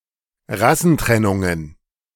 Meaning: plural of Rassentrennung
- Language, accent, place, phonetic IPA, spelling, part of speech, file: German, Germany, Berlin, [ˈʁasn̩ˌtʁɛnʊŋən], Rassentrennungen, noun, De-Rassentrennungen.ogg